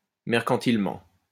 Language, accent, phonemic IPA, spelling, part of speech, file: French, France, /mɛʁ.kɑ̃.til.mɑ̃/, mercantilement, adverb, LL-Q150 (fra)-mercantilement.wav
- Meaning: mercantilely